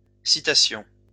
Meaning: plural of citation
- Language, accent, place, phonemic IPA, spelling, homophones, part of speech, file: French, France, Lyon, /si.ta.sjɔ̃/, citations, citation, noun, LL-Q150 (fra)-citations.wav